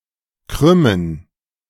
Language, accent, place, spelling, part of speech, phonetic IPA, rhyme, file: German, Germany, Berlin, Krümmen, noun, [ˈkʁʏmən], -ʏmən, De-Krümmen.ogg
- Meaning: 1. gerund of krümmen 2. plural of Krümme